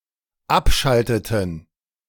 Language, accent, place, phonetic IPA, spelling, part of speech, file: German, Germany, Berlin, [ˈapˌʃaltətn̩], abschalteten, verb, De-abschalteten.ogg
- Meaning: inflection of abschalten: 1. first/third-person plural dependent preterite 2. first/third-person plural dependent subjunctive II